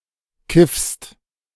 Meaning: second-person singular present of kiffen
- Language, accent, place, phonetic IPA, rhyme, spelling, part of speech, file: German, Germany, Berlin, [kɪfst], -ɪfst, kiffst, verb, De-kiffst.ogg